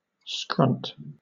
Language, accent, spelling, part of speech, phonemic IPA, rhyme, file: English, Southern England, scrunt, noun / verb, /skɹʌnt/, -ʌnt, LL-Q1860 (eng)-scrunt.wav
- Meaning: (noun) 1. An abrupt, high-pitched sound 2. A beggar or destitute person; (verb) To beg or scrounge